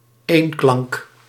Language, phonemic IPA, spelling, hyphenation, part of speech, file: Dutch, /ˈeːn.klɑŋk/, eenklank, een‧klank, noun, Nl-eenklank.ogg
- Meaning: 1. monophthong 2. unison (same note (identical pitch) played by different parts)